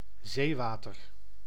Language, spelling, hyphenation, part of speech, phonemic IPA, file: Dutch, zeewater, zee‧wa‧ter, noun, /ˈzeːˌʋaː.tər/, Nl-zeewater.ogg
- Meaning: seawater